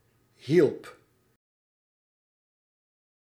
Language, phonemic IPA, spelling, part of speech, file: Dutch, /ɦilp/, hielp, verb, Nl-hielp.ogg
- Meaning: singular past indicative of helpen